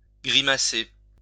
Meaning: to grimace
- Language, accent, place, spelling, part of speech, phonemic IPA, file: French, France, Lyon, grimacer, verb, /ɡʁi.ma.se/, LL-Q150 (fra)-grimacer.wav